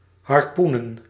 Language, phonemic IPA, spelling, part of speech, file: Dutch, /ˌɦɑrˈpu.nə(n)/, harpoenen, verb / noun, Nl-harpoenen.ogg
- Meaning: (verb) to harpoon; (noun) plural of harpoen